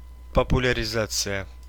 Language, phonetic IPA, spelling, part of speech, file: Russian, [pəpʊlʲɪrʲɪˈzat͡sɨjə], популяризация, noun, Ru-популяриза́ция.ogg
- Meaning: popularization